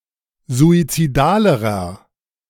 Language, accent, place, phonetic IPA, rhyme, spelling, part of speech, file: German, Germany, Berlin, [zuit͡siˈdaːləʁɐ], -aːləʁɐ, suizidalerer, adjective, De-suizidalerer.ogg
- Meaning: inflection of suizidal: 1. strong/mixed nominative masculine singular comparative degree 2. strong genitive/dative feminine singular comparative degree 3. strong genitive plural comparative degree